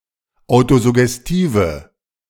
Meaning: inflection of autosuggestiv: 1. strong/mixed nominative/accusative feminine singular 2. strong nominative/accusative plural 3. weak nominative all-gender singular
- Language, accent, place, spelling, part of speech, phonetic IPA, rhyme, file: German, Germany, Berlin, autosuggestive, adjective, [ˌaʊ̯tozʊɡɛsˈtiːvə], -iːvə, De-autosuggestive.ogg